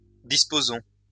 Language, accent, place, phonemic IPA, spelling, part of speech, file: French, France, Lyon, /dis.po.zɔ̃/, disposons, verb, LL-Q150 (fra)-disposons.wav
- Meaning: inflection of disposer: 1. first-person plural present indicative 2. first-person plural imperative